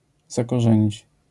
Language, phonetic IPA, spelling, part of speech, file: Polish, [ˌzakɔˈʒɛ̃ɲit͡ɕ], zakorzenić, verb, LL-Q809 (pol)-zakorzenić.wav